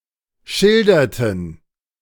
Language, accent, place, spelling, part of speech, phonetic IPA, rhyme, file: German, Germany, Berlin, schilderten, verb, [ˈʃɪldɐtn̩], -ɪldɐtn̩, De-schilderten.ogg
- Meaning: inflection of schildern: 1. first/third-person plural preterite 2. first/third-person plural subjunctive II